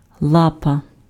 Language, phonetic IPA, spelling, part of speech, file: Ukrainian, [ˈɫapɐ], лапа, noun, Uk-лапа.ogg
- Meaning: paw